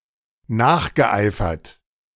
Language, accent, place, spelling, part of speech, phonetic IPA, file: German, Germany, Berlin, nachgeeifert, verb, [ˈnaːxɡəˌʔaɪ̯fɐt], De-nachgeeifert.ogg
- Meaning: past participle of nacheifern